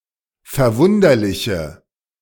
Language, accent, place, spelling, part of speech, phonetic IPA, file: German, Germany, Berlin, verwunderliche, adjective, [fɛɐ̯ˈvʊndɐlɪçə], De-verwunderliche.ogg
- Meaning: inflection of verwunderlich: 1. strong/mixed nominative/accusative feminine singular 2. strong nominative/accusative plural 3. weak nominative all-gender singular